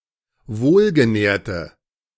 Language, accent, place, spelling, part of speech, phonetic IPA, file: German, Germany, Berlin, wohlgenährte, adjective, [ˈvoːlɡəˌnɛːɐ̯tə], De-wohlgenährte.ogg
- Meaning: inflection of wohlgenährt: 1. strong/mixed nominative/accusative feminine singular 2. strong nominative/accusative plural 3. weak nominative all-gender singular